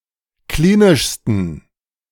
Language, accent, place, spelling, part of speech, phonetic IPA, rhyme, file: German, Germany, Berlin, klinischsten, adjective, [ˈkliːnɪʃstn̩], -iːnɪʃstn̩, De-klinischsten.ogg
- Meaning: 1. superlative degree of klinisch 2. inflection of klinisch: strong genitive masculine/neuter singular superlative degree